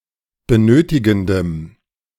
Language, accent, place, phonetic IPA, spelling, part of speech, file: German, Germany, Berlin, [bəˈnøːtɪɡn̩dəm], benötigendem, adjective, De-benötigendem.ogg
- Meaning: strong dative masculine/neuter singular of benötigend